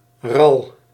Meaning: rail (bird of the family Rallidae)
- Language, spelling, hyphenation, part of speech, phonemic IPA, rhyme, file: Dutch, ral, ral, noun, /rɑl/, -ɑl, Nl-ral.ogg